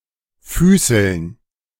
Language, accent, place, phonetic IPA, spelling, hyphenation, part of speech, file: German, Germany, Berlin, [ˈfyːsl̩n], füßeln, fü‧ßeln, verb, De-füßeln.ogg
- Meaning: 1. to play footsie 2. to scuttle 3. to run fast, hurry 4. to trip someone up